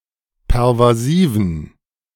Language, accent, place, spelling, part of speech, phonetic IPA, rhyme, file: German, Germany, Berlin, pervasiven, adjective, [pɛʁvaˈziːvn̩], -iːvn̩, De-pervasiven.ogg
- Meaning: inflection of pervasiv: 1. strong genitive masculine/neuter singular 2. weak/mixed genitive/dative all-gender singular 3. strong/weak/mixed accusative masculine singular 4. strong dative plural